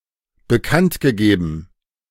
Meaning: announced
- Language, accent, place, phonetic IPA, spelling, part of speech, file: German, Germany, Berlin, [bəˈkantɡəˌɡeːbn̩], bekanntgegeben, verb, De-bekanntgegeben.ogg